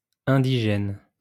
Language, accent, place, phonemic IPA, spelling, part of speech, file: French, France, Lyon, /ɛ̃.di.ʒɛn/, indigène, adjective / noun, LL-Q150 (fra)-indigène.wav
- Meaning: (adjective) indigenous; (noun) indigenous person, native, indigene